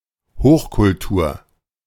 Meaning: 1. high culture 2. advanced civilization
- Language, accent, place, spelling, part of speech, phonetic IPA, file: German, Germany, Berlin, Hochkultur, noun, [ˈhoːxkʊlˌtuːɐ̯], De-Hochkultur.ogg